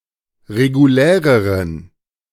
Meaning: inflection of regulär: 1. strong genitive masculine/neuter singular comparative degree 2. weak/mixed genitive/dative all-gender singular comparative degree
- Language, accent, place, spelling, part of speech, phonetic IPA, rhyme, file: German, Germany, Berlin, reguläreren, adjective, [ʁeɡuˈlɛːʁəʁən], -ɛːʁəʁən, De-reguläreren.ogg